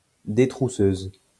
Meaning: female equivalent of détrousseur
- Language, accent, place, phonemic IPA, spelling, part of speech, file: French, France, Lyon, /de.tʁu.søz/, détrousseuse, noun, LL-Q150 (fra)-détrousseuse.wav